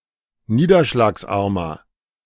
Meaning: inflection of niederschlagsarm: 1. strong/mixed nominative masculine singular 2. strong genitive/dative feminine singular 3. strong genitive plural
- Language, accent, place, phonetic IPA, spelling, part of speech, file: German, Germany, Berlin, [ˈniːdɐʃlaːksˌʔaʁmɐ], niederschlagsarmer, adjective, De-niederschlagsarmer.ogg